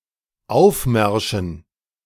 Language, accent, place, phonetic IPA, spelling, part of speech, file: German, Germany, Berlin, [ˈaʊ̯fˌmɛʁʃn̩], Aufmärschen, noun, De-Aufmärschen.ogg
- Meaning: dative plural of Aufmarsch